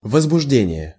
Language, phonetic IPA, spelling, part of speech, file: Russian, [vəzbʊʐˈdʲenʲɪje], возбуждение, noun, Ru-возбуждение.ogg
- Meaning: 1. arousal 2. excitement